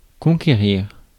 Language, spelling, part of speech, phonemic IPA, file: French, conquérir, verb, /kɔ̃.ke.ʁiʁ/, Fr-conquérir.ogg
- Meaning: 1. to conquer, to capture 2. to win, to win over